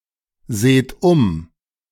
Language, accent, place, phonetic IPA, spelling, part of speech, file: German, Germany, Berlin, [ˌzeːt ˈʊm], seht um, verb, De-seht um.ogg
- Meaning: inflection of umsehen: 1. second-person plural present 2. plural imperative